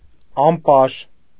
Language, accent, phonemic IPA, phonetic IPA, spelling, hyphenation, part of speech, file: Armenian, Eastern Armenian, /ɑmˈpɑɾ/, [ɑmpɑ́ɾ], ամպար, ամ‧պար, noun, Hy-ամպար.ogg
- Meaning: alternative form of համպար (hampar)